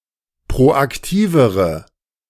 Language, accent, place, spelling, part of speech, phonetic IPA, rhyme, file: German, Germany, Berlin, proaktivere, adjective, [pʁoʔakˈtiːvəʁə], -iːvəʁə, De-proaktivere.ogg
- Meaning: inflection of proaktiv: 1. strong/mixed nominative/accusative feminine singular comparative degree 2. strong nominative/accusative plural comparative degree